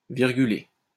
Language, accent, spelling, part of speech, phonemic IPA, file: French, France, virguler, verb, /viʁ.ɡy.le/, LL-Q150 (fra)-virguler.wav
- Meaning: to put a comma or commas (in a text)